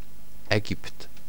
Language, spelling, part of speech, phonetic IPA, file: Polish, Egipt, proper noun, [ˈɛɟipt], Pl-Egipt.ogg